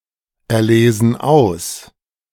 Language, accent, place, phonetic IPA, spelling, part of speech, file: German, Germany, Berlin, [ɛɐ̯ˌleːzn̩ ˈaʊ̯s], erlesen aus, verb, De-erlesen aus.ogg
- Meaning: inflection of auserlesen: 1. first/third-person plural present 2. first/third-person plural subjunctive I